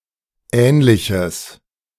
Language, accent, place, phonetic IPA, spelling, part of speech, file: German, Germany, Berlin, [ˈɛːnlɪçəs], ähnliches, adjective, De-ähnliches.ogg
- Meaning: strong/mixed nominative/accusative neuter singular of ähnlich